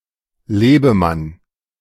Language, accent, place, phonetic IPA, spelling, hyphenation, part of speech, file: German, Germany, Berlin, [ˈleːbəˌman], Lebemann, Le‧be‧mann, noun, De-Lebemann.ogg
- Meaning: 1. bon vivant 2. playboy